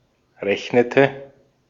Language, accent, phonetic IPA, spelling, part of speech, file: German, Austria, [ˈʁɛçnətə], rechnete, verb, De-at-rechnete.ogg
- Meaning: inflection of rechnen: 1. first/third-person singular preterite 2. first/third-person singular subjunctive II